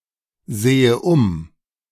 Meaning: inflection of umsehen: 1. first-person singular present 2. first/third-person singular subjunctive I
- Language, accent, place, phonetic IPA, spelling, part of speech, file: German, Germany, Berlin, [ˌzeːə ˈʊm], sehe um, verb, De-sehe um.ogg